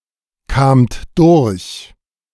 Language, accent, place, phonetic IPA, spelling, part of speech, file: German, Germany, Berlin, [ˌkaːmt ˈdʊʁç], kamt durch, verb, De-kamt durch.ogg
- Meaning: second-person plural preterite of durchkommen